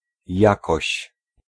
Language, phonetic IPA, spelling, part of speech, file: Polish, [ˈjakɔɕ], jakoś, pronoun / particle, Pl-jakoś.ogg